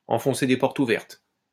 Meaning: to state the obvious as though it were new or controversial; to try to force or persuade someone who is already convinced; ≈ to preach to the choir
- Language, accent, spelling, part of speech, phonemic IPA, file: French, France, enfoncer des portes ouvertes, verb, /ɑ̃.fɔ̃.se de pɔʁ.t‿u.vɛʁt/, LL-Q150 (fra)-enfoncer des portes ouvertes.wav